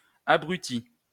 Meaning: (adjective) 1. whose physical or mental capacities have been impaired by tiredness or another factor; dazed 2. moronic, idiotic; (noun) moron, idiot, fool; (verb) past participle of abrutir
- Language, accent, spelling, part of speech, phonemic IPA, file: French, France, abruti, adjective / noun / verb, /a.bʁy.ti/, LL-Q150 (fra)-abruti.wav